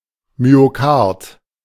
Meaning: myocardium
- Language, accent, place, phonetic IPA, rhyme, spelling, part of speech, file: German, Germany, Berlin, [myoˈkaʁt], -aʁt, Myokard, noun, De-Myokard.ogg